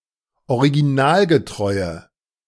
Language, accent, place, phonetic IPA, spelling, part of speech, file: German, Germany, Berlin, [oʁiɡiˈnaːlɡəˌtʁɔɪ̯ə], originalgetreue, adjective, De-originalgetreue.ogg
- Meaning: inflection of originalgetreu: 1. strong/mixed nominative/accusative feminine singular 2. strong nominative/accusative plural 3. weak nominative all-gender singular